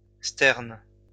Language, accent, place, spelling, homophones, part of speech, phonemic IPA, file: French, France, Lyon, sterne, sternes, noun, /stɛʁn/, LL-Q150 (fra)-sterne.wav
- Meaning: tern (bird)